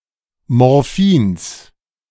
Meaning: genitive singular of Morphin
- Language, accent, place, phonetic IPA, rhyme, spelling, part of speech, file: German, Germany, Berlin, [ˌmɔʁˈfiːns], -iːns, Morphins, noun, De-Morphins.ogg